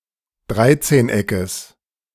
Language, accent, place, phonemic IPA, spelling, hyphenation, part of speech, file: German, Germany, Berlin, /ˈdʁaɪ̯tseːnˌ.ɛkəs/, Dreizehneckes, Drei‧zehn‧eckes, noun, De-Dreizehneckes.ogg
- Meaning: genitive singular of Dreizehneck